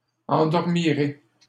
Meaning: first-person singular future of endormir
- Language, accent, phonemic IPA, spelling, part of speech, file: French, Canada, /ɑ̃.dɔʁ.mi.ʁe/, endormirai, verb, LL-Q150 (fra)-endormirai.wav